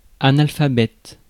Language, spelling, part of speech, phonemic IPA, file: French, analphabète, adjective / noun, /a.nal.fa.bɛt/, Fr-analphabète.ogg
- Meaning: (adjective) illiterate; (noun) illiterate person